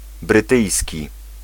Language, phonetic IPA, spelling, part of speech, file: Polish, [brɨˈtɨjsʲci], brytyjski, adjective, Pl-brytyjski.ogg